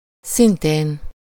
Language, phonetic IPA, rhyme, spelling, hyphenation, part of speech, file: Hungarian, [ˈsinteːn], -eːn, szintén, szin‧tén, conjunction, Hu-szintén.ogg
- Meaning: likewise, also, too, similarly, as well